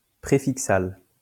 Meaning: prefixal
- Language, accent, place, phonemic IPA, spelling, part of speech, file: French, France, Lyon, /pʁe.fik.sal/, préfixal, adjective, LL-Q150 (fra)-préfixal.wav